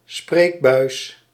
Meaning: 1. voicepipe, speaking tube 2. interpreter, spokesperson
- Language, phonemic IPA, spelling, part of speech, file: Dutch, /ˈspreːk.bœy̯s/, spreekbuis, noun, Nl-spreekbuis.ogg